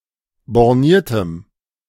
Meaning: strong dative masculine/neuter singular of borniert
- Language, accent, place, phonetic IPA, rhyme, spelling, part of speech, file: German, Germany, Berlin, [bɔʁˈniːɐ̯təm], -iːɐ̯təm, borniertem, adjective, De-borniertem.ogg